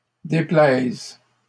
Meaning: first/third-person singular present subjunctive of déplaire
- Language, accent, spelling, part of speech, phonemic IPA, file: French, Canada, déplaise, verb, /de.plɛz/, LL-Q150 (fra)-déplaise.wav